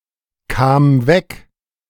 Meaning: first/third-person singular preterite of wegkommen
- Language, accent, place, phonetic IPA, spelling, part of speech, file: German, Germany, Berlin, [ˌkaːm ˈvɛk], kam weg, verb, De-kam weg.ogg